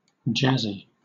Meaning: 1. In the style of jazz 2. Flashy or showy 3. Lacking focus; jittery or jangly
- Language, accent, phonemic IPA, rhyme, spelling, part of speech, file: English, Southern England, /ˈd͡ʒæzi/, -æzi, jazzy, adjective, LL-Q1860 (eng)-jazzy.wav